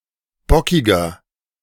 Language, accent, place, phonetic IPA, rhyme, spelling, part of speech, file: German, Germany, Berlin, [ˈbɔkɪɡɐ], -ɔkɪɡɐ, bockiger, adjective, De-bockiger.ogg
- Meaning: 1. comparative degree of bockig 2. inflection of bockig: strong/mixed nominative masculine singular 3. inflection of bockig: strong genitive/dative feminine singular